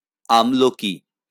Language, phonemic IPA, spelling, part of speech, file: Bengali, /amloki/, আমলকী, noun, LL-Q9610 (ben)-আমলকী.wav
- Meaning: amla, emblic myrobalan, Malacca tree (Phyllanthus emblica)